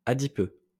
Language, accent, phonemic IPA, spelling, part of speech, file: French, France, /a.di.pø/, adipeux, adjective, LL-Q150 (fra)-adipeux.wav
- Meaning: adipose